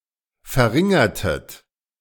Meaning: inflection of verringern: 1. second-person plural preterite 2. second-person plural subjunctive II
- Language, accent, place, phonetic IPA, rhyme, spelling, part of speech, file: German, Germany, Berlin, [fɛɐ̯ˈʁɪŋɐtət], -ɪŋɐtət, verringertet, verb, De-verringertet.ogg